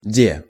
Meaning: says (used informally to mark reported speech)
- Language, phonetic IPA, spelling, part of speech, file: Russian, [dʲe], де, particle, Ru-де.ogg